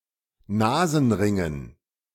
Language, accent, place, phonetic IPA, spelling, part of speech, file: German, Germany, Berlin, [ˈnaːzn̩ˌʁɪŋən], Nasenringen, noun, De-Nasenringen.ogg
- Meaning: dative plural of Nasenring